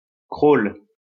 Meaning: crawl (swimming stroke)
- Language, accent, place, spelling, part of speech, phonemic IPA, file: French, France, Lyon, crawl, noun, /kʁol/, LL-Q150 (fra)-crawl.wav